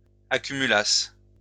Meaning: second-person singular imperfect subjunctive of accumuler
- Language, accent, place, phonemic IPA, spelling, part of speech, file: French, France, Lyon, /a.ky.my.las/, accumulasses, verb, LL-Q150 (fra)-accumulasses.wav